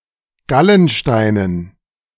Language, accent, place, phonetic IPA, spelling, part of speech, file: German, Germany, Berlin, [ˈɡalənˌʃtaɪ̯nən], Gallensteinen, noun, De-Gallensteinen.ogg
- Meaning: dative plural of Gallenstein